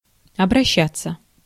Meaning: 1. to turn to, to turn into 2. to address, to apply, to appeal 3. to treat, to handle, to manage 4. to turn, to change 5. to circulate 6. passive of обраща́ть (obraščátʹ)
- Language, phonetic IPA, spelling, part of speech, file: Russian, [ɐbrɐˈɕːat͡sːə], обращаться, verb, Ru-обращаться.ogg